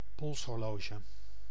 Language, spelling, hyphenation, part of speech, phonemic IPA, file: Dutch, polshorloge, pols‧hor‧lo‧ge, noun, /ˈpɔls.ɦɔrˌloː.ʒə/, Nl-polshorloge.ogg
- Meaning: wristwatch